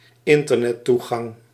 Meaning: Internet access
- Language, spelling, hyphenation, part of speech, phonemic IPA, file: Dutch, internettoegang, in‧ter‧net‧toe‧gang, noun, /ˈɪn.tər.nɛˌtu.ɣɑŋ/, Nl-internettoegang.ogg